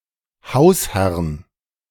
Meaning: genitive of Hausherr
- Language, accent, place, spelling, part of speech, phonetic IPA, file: German, Germany, Berlin, Hausherrn, noun, [ˈhaʊ̯sˌhɛʁn], De-Hausherrn.ogg